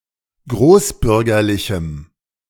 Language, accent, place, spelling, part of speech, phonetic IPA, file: German, Germany, Berlin, großbürgerlichem, adjective, [ˈɡʁoːsˌbʏʁɡɐlɪçm̩], De-großbürgerlichem.ogg
- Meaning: strong dative masculine/neuter singular of großbürgerlich